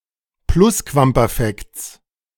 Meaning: genitive singular of Plusquamperfekt
- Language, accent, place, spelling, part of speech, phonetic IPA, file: German, Germany, Berlin, Plusquamperfekts, noun, [ˈplʊskvampɛʁˌfɛkt͡s], De-Plusquamperfekts.ogg